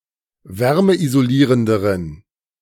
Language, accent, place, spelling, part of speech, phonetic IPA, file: German, Germany, Berlin, wärmeisolierenderen, adjective, [ˈvɛʁməʔizoˌliːʁəndəʁən], De-wärmeisolierenderen.ogg
- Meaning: inflection of wärmeisolierend: 1. strong genitive masculine/neuter singular comparative degree 2. weak/mixed genitive/dative all-gender singular comparative degree